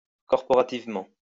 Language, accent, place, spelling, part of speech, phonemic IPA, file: French, France, Lyon, corporativement, adverb, /kɔʁ.pɔ.ʁa.tiv.mɑ̃/, LL-Q150 (fra)-corporativement.wav
- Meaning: corporately